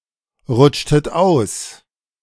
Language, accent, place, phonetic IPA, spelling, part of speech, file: German, Germany, Berlin, [ˌʁʊt͡ʃtət ˈaʊ̯s], rutschtet aus, verb, De-rutschtet aus.ogg
- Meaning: inflection of ausrutschen: 1. second-person plural preterite 2. second-person plural subjunctive II